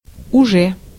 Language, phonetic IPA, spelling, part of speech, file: Russian, [ʊˈʐɛ], уже, adverb / particle / noun, Ru-уже.ogg
- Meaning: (adverb) 1. already; carries the sense of the perfect continuous tenses in English 2. by now, (as of) now 3. by then, by that point 4. anymore, any longer